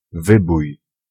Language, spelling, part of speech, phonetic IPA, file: Polish, wybój, noun, [ˈvɨbuj], Pl-wybój.ogg